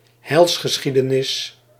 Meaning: Heilsgeschichte
- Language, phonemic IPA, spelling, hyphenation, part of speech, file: Dutch, /ˈɦɛi̯ls.xəˌsxi.də.nɪs/, heilsgeschiedenis, heils‧ge‧schie‧de‧nis, noun, Nl-heilsgeschiedenis.ogg